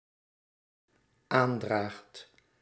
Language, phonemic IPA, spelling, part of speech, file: Dutch, /ˈandraxt/, aandraagt, verb, Nl-aandraagt.ogg
- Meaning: second/third-person singular dependent-clause present indicative of aandragen